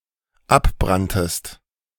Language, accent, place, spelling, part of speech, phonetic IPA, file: German, Germany, Berlin, abbranntest, verb, [ˈapˌbʁantəst], De-abbranntest.ogg
- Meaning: second-person singular dependent preterite of abbrennen